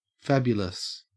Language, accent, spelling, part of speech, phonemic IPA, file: English, Australia, fabulous, adjective, /ˈfæbjʊləs/, En-au-fabulous.ogg
- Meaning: 1. Of or relating to fable, myth or legend 2. Characteristic of fables; marvelous, extraordinary, incredible 3. Fictional or not believable; made up